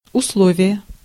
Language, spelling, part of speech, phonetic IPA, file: Russian, условие, noun, [ʊsˈɫovʲɪje], Ru-условие.ogg
- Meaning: 1. condition 2. term, stipulation, proviso 3. agreement, contract